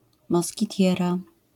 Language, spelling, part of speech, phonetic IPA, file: Polish, moskitiera, noun, [ˌmɔsʲciˈtʲjɛra], LL-Q809 (pol)-moskitiera.wav